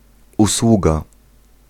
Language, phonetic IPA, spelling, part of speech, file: Polish, [uˈswuɡa], usługa, noun, Pl-usługa.ogg